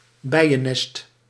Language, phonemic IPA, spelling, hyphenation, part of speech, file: Dutch, /ˈbɛi̯.əˌnɛst/, bijennest, bij‧en‧nest, noun, Nl-bijennest.ogg
- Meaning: beehive